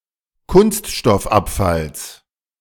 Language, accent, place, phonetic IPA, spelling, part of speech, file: German, Germany, Berlin, [ˈkʊnstʃtɔfˌʔapfals], Kunststoffabfalls, noun, De-Kunststoffabfalls.ogg
- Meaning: genitive singular of Kunststoffabfall